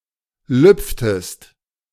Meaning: inflection of lüpfen: 1. second-person singular preterite 2. second-person singular subjunctive II
- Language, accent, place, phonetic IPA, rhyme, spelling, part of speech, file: German, Germany, Berlin, [ˈlʏp͡ftəst], -ʏp͡ftəst, lüpftest, verb, De-lüpftest.ogg